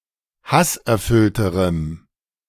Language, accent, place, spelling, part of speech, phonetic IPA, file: German, Germany, Berlin, hasserfüllterem, adjective, [ˈhasʔɛɐ̯ˌfʏltəʁəm], De-hasserfüllterem.ogg
- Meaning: strong dative masculine/neuter singular comparative degree of hasserfüllt